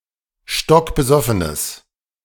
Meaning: strong/mixed nominative/accusative neuter singular of stockbesoffen
- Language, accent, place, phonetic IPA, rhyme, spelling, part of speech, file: German, Germany, Berlin, [ˌʃtɔkbəˈzɔfənəs], -ɔfənəs, stockbesoffenes, adjective, De-stockbesoffenes.ogg